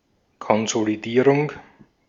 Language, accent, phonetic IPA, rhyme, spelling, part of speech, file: German, Austria, [kɔnzoliˈdiːʁʊŋ], -iːʁʊŋ, Konsolidierung, noun, De-at-Konsolidierung.ogg
- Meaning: consolidation